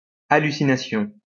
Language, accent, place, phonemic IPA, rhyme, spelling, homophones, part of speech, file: French, France, Lyon, /a.ly.si.na.sjɔ̃/, -ɔ̃, hallucination, hallucinations, noun, LL-Q150 (fra)-hallucination.wav
- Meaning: hallucination